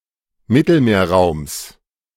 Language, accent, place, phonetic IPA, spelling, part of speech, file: German, Germany, Berlin, [ˈmɪtl̩meːɐ̯ˌʁaʊ̯ms], Mittelmeerraums, noun, De-Mittelmeerraums.ogg
- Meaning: genitive singular of Mittelmeerraum